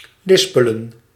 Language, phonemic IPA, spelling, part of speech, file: Dutch, /ˈlɪspələ(n)/, lispelen, verb, Nl-lispelen.ogg
- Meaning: 1. to lisp 2. to talk softly